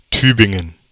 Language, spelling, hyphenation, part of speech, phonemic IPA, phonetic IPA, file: German, Tübingen, Tü‧bin‧gen, proper noun, /ˈtyːbɪŋən/, [ˈtyːbɪŋn̩], De-Tübingen.ogg
- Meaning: Tübingen (a town and rural district of Baden-Württemberg, Germany)